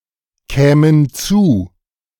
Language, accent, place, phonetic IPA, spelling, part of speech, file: German, Germany, Berlin, [ˌkɛːmən ˈt͡suː], kämen zu, verb, De-kämen zu.ogg
- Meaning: first-person plural subjunctive II of zukommen